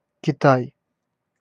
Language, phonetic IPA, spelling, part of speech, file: Russian, [kʲɪˈtaj], Китай, proper noun, Ru-Китай.ogg
- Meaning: China (a large country in East Asia, occupying the region around the Yellow, Yangtze, and Pearl Rivers; the People's Republic of China, since 1949)